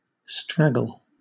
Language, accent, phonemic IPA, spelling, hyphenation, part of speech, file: English, Southern England, /ˈstɹæɡl̩/, straggle, strag‧gle, verb / noun, LL-Q1860 (eng)-straggle.wav
- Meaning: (verb) 1. To stray, rove, or wander from a normal course and others of its kind 2. To act in a disorderly and irregular way 3. Grow or hang messily